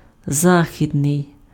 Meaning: west, western, westerly
- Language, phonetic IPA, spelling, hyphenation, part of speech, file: Ukrainian, [ˈzaxʲidnei̯], західний, за‧хі‧дний, adjective, Uk-західний.ogg